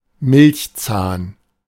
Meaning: milk tooth (tooth of the first set of teeth)
- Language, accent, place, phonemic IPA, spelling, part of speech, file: German, Germany, Berlin, /ˈmɪlçˌt͡saːn/, Milchzahn, noun, De-Milchzahn.ogg